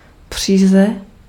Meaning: yarn (fiber strand for knitting or weaving)
- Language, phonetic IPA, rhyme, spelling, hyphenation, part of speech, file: Czech, [ˈpr̝̊iːzɛ], -iːzɛ, příze, pří‧ze, noun, Cs-příze.ogg